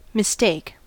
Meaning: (verb) 1. To understand wrongly, taking one thing or person for another 2. To misunderstand (someone) 3. To commit an unintentional error; to do or think something wrong 4. To take or choose wrongly
- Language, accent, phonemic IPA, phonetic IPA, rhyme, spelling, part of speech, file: English, General American, /mɪˈsteɪk/, [mɪˈsteɪk], -eɪk, mistake, verb / noun, En-us-mistake.ogg